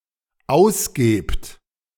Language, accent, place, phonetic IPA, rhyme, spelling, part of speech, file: German, Germany, Berlin, [ˈaʊ̯sˌɡeːpt], -aʊ̯sɡeːpt, ausgebt, verb, De-ausgebt.ogg
- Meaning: second-person plural dependent present of ausgeben